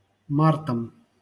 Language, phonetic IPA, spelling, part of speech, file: Russian, [ˈmartəm], мартам, noun, LL-Q7737 (rus)-мартам.wav
- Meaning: dative plural of март (mart)